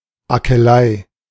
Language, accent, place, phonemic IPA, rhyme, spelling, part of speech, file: German, Germany, Berlin, /akəˈlaɪ̯/, -aɪ̯, Akelei, noun, De-Akelei.ogg
- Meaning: columbine (any plant of the genus Aquilegia)